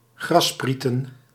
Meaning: plural of grasspriet
- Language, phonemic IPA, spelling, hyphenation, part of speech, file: Dutch, /ˈɣrɑˌspriːtə(n)/, grassprieten, gras‧sprie‧ten, noun, Nl-grassprieten.ogg